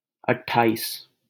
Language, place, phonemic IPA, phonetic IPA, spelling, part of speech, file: Hindi, Delhi, /əʈ.ʈʰɑː.iːs/, [ɐʈ̚.ʈʰäː.iːs], अट्ठाईस, numeral, LL-Q1568 (hin)-अट्ठाईस.wav
- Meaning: twenty-eight